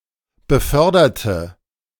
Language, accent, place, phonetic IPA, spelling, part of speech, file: German, Germany, Berlin, [bəˈfœʁdɐtə], beförderte, adjective / verb, De-beförderte.ogg
- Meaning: inflection of befördern: 1. first/third-person singular preterite 2. first/third-person singular subjunctive II